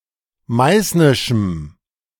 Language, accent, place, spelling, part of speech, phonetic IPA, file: German, Germany, Berlin, meißnischem, adjective, [ˈmaɪ̯snɪʃm̩], De-meißnischem.ogg
- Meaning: strong dative masculine/neuter singular of meißnisch